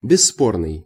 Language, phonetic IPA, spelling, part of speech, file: Russian, [bʲɪsːˈpornɨj], бесспорный, adjective, Ru-бесспорный.ogg
- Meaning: indisputable, unquestionable